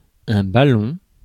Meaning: 1. ball 2. ball: beachball 3. balloon 4. round-bottom flask
- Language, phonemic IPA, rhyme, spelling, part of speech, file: French, /ba.lɔ̃/, -ɔ̃, ballon, noun, Fr-ballon.ogg